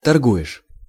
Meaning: second-person singular present indicative imperfective of торгова́ть (torgovátʹ)
- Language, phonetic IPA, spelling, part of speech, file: Russian, [tɐrˈɡu(j)ɪʂ], торгуешь, verb, Ru-торгуешь.ogg